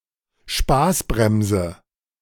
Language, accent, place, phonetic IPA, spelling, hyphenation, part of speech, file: German, Germany, Berlin, [ˈʃpaːsˌbʁɛmzə], Spaßbremse, Spaß‧brem‧se, noun, De-Spaßbremse.ogg
- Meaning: killjoy, someone who prevents others from having fun